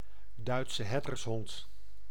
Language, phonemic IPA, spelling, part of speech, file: Dutch, /ˌdœy̯tsə ˈɦɛrdərsɦɔnt/, Duitse herdershond, noun, Nl-Duitse herdershond.ogg
- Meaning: synonym of Duitse herder